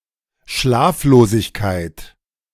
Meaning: sleeplessness, insomnia
- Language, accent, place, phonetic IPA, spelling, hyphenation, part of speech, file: German, Germany, Berlin, [ˈʃlaːfloːzɪçkaɪ̯t], Schlaflosigkeit, Schlaf‧lo‧sig‧keit, noun, De-Schlaflosigkeit.ogg